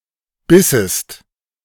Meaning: second-person singular subjunctive II of beißen
- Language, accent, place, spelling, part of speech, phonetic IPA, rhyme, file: German, Germany, Berlin, bissest, verb, [ˈbɪsəst], -ɪsəst, De-bissest.ogg